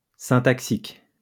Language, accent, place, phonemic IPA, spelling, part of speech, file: French, France, Lyon, /sɛ̃.tak.sik/, syntaxique, adjective, LL-Q150 (fra)-syntaxique.wav
- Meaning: syntactic